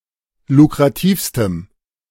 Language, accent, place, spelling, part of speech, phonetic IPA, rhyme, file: German, Germany, Berlin, lukrativstem, adjective, [lukʁaˈtiːfstəm], -iːfstəm, De-lukrativstem.ogg
- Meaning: strong dative masculine/neuter singular superlative degree of lukrativ